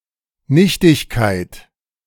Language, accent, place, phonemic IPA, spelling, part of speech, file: German, Germany, Berlin, /ˈnɪçtɪçˌkaɪ̯t/, Nichtigkeit, noun, De-Nichtigkeit.ogg
- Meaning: 1. nothingness 2. triviality, vanity, emptiness, inanity 3. nullity, invalidity